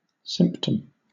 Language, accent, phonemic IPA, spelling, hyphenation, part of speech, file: English, Southern England, /ˈsɪm(p)təm/, symptom, sym‧ptom, noun, LL-Q1860 (eng)-symptom.wav